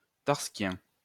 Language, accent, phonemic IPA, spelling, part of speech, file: French, France, /taʁ.skjɛ̃/, tarskien, adjective, LL-Q150 (fra)-tarskien.wav
- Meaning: Tarskian